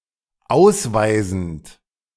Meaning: present participle of ausweisen
- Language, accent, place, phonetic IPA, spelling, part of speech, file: German, Germany, Berlin, [ˈaʊ̯sˌvaɪ̯zn̩t], ausweisend, verb, De-ausweisend.ogg